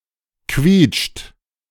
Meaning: inflection of quietschen: 1. third-person singular present 2. second-person plural present 3. plural imperative
- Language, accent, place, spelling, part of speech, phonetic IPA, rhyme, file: German, Germany, Berlin, quietscht, verb, [kviːt͡ʃt], -iːt͡ʃt, De-quietscht.ogg